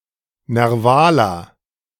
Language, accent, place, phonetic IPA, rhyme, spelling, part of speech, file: German, Germany, Berlin, [nɛʁˈvaːlɐ], -aːlɐ, nervaler, adjective, De-nervaler.ogg
- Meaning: inflection of nerval: 1. strong/mixed nominative masculine singular 2. strong genitive/dative feminine singular 3. strong genitive plural